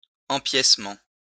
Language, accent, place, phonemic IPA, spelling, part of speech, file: French, France, Lyon, /ɑ̃.pjɛs.mɑ̃/, empiècement, noun, LL-Q150 (fra)-empiècement.wav
- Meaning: yoke (piece of material)